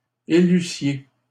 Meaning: second-person plural imperfect subjunctive of élire
- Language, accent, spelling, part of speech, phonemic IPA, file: French, Canada, élussiez, verb, /e.ly.sje/, LL-Q150 (fra)-élussiez.wav